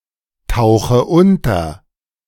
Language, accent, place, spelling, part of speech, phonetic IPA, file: German, Germany, Berlin, tauche unter, verb, [ˌtaʊ̯xə ˈʊntɐ], De-tauche unter.ogg
- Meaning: inflection of untertauchen: 1. first-person singular present 2. first/third-person singular subjunctive I 3. singular imperative